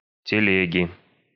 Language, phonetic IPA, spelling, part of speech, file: Russian, [tʲɪˈlʲeɡʲɪ], телеги, noun, Ru-телеги.ogg
- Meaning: inflection of теле́га (teléga): 1. genitive singular 2. nominative/accusative plural